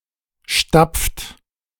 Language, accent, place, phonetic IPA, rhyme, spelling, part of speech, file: German, Germany, Berlin, [ʃtap͡ft], -ap͡ft, stapft, verb, De-stapft.ogg
- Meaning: inflection of stapfen: 1. second-person plural present 2. third-person singular present 3. plural imperative